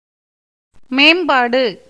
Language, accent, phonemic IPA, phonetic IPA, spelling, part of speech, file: Tamil, India, /meːmbɑːɖɯ/, [meːmbäːɖɯ], மேம்பாடு, noun, Ta-மேம்பாடு.ogg
- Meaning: 1. improvement 2. grandeur, greatness, dignity